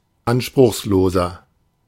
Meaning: 1. comparative degree of anspruchslos 2. inflection of anspruchslos: strong/mixed nominative masculine singular 3. inflection of anspruchslos: strong genitive/dative feminine singular
- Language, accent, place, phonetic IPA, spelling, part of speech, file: German, Germany, Berlin, [ˈanʃpʁʊxsˌloːzɐ], anspruchsloser, adjective, De-anspruchsloser.ogg